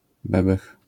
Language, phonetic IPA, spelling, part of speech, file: Polish, [ˈbɛbɛx], bebech, noun, LL-Q809 (pol)-bebech.wav